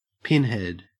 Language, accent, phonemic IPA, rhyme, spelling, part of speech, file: English, Australia, /ˈpɪn.hɛd/, -ɪnhɛd, pinhead, noun, En-au-pinhead.ogg
- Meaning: 1. The head of a pin. (Frequently used in size comparisons.) 2. A foolish or stupid person 3. A telemark skier